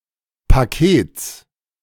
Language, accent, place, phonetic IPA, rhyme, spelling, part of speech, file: German, Germany, Berlin, [paˈkeːt͡s], -eːt͡s, Pakets, noun, De-Pakets.ogg
- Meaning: genitive singular of Paket